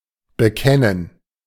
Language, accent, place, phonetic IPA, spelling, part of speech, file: German, Germany, Berlin, [bəˈkɛnən], bekennen, verb, De-bekennen.ogg
- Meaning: 1. to confess, to avow, to profess (a belief, feeling, guilt, adherence to something) 2. to pledge oneself (to), to commit (to), to declare one's affiliation (with), to take a stand (on)